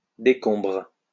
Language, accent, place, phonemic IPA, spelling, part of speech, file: French, France, Lyon, /de.kɔ̃bʁ/, décombres, noun / verb, LL-Q150 (fra)-décombres.wav
- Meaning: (noun) rubble, ruins (of a building); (verb) second-person singular present indicative/subjunctive of décombrer